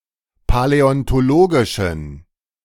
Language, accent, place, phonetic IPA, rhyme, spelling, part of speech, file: German, Germany, Berlin, [palɛɔntoˈloːɡɪʃn̩], -oːɡɪʃn̩, paläontologischen, adjective, De-paläontologischen.ogg
- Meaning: inflection of paläontologisch: 1. strong genitive masculine/neuter singular 2. weak/mixed genitive/dative all-gender singular 3. strong/weak/mixed accusative masculine singular 4. strong dative plural